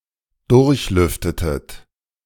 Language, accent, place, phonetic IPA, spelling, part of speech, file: German, Germany, Berlin, [ˈdʊʁçˌlʏftətət], durchlüftetet, verb, De-durchlüftetet.ogg
- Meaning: inflection of durchlüften: 1. second-person plural preterite 2. second-person plural subjunctive II